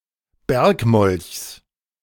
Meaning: genitive singular of Bergmolch
- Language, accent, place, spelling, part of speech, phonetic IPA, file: German, Germany, Berlin, Bergmolchs, noun, [ˈbɛʁkˌmɔlçs], De-Bergmolchs.ogg